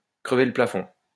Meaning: 1. to go through the roof 2. to break new ground, to trailblaze, to be innovative
- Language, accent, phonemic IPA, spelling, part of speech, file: French, France, /kʁə.ve lə pla.fɔ̃/, crever le plafond, verb, LL-Q150 (fra)-crever le plafond.wav